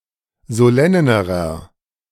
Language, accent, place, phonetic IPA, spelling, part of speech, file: German, Germany, Berlin, [zoˈlɛnəʁɐ], solennerer, adjective, De-solennerer.ogg
- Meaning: inflection of solenn: 1. strong/mixed nominative masculine singular comparative degree 2. strong genitive/dative feminine singular comparative degree 3. strong genitive plural comparative degree